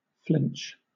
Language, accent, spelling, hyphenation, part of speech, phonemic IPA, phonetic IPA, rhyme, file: English, Southern England, flinch, flinch, noun / verb, /ˈflɪnt͡ʃ/, [ˈfl̥ɪnt͡ʃ], -ɪntʃ, LL-Q1860 (eng)-flinch.wav
- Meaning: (noun) 1. A reflexive jerking away 2. The slipping of the foot from a ball, when attempting to give a tight croquet